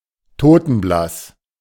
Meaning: deathly pale
- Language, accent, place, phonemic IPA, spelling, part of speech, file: German, Germany, Berlin, /ˈtoːtn̩ˌblas/, totenblass, adjective, De-totenblass.ogg